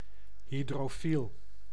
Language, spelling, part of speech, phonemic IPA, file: Dutch, hydrofiel, adjective, /ɦidroːˈfil/, Nl-hydrofiel.ogg
- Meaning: hydrophilic